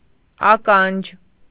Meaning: 1. ear 2. hearing, ability to hear 3. spy, informant 4. anything that is ear-shaped or resembles an ear 5. shoehorn 6. eye (of a needle) 7. leather bearing (on a spinning wheel)
- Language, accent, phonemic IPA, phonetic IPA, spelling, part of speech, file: Armenian, Eastern Armenian, /ɑˈkɑnd͡ʒ/, [ɑkɑ́nd͡ʒ], ականջ, noun, Hy-ականջ.ogg